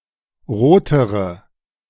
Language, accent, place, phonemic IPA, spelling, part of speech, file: German, Germany, Berlin, /ˈʁoːtəʁə/, rotere, adjective, De-rotere.ogg
- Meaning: inflection of rot: 1. strong/mixed nominative/accusative feminine singular comparative degree 2. strong nominative/accusative plural comparative degree